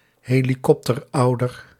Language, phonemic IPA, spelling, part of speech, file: Dutch, /ˌheliˈkɔptərˌɑudər/, helikopterouder, noun, Nl-helikopterouder.ogg
- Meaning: helicopter parent